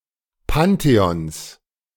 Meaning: 1. genitive of Pantheon 2. plural of Pantheon
- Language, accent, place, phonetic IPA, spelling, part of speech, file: German, Germany, Berlin, [ˈpanteɔns], Pantheons, noun, De-Pantheons.ogg